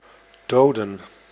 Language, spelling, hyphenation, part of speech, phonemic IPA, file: Dutch, doden, do‧den, verb / noun, /ˈdoːdə(n)/, Nl-doden.ogg
- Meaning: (verb) to kill; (noun) 1. plural of dode (“dead person”) 2. plural of dood (“death”, chiefly in duizend doden sterven)